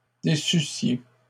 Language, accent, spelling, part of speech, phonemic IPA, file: French, Canada, déçussiez, verb, /de.sy.sje/, LL-Q150 (fra)-déçussiez.wav
- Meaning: second-person plural imperfect subjunctive of décevoir